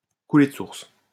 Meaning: to be obvious, self-evident
- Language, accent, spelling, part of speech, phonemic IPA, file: French, France, couler de source, verb, /ku.le d(ə) suʁs/, LL-Q150 (fra)-couler de source.wav